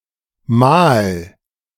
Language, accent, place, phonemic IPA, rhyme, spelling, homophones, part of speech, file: German, Germany, Berlin, /maːl/, -aːl, mahl, mal / Mal / Mahl, verb, De-mahl.ogg
- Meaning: 1. singular imperative of mahlen 2. first-person singular present of mahlen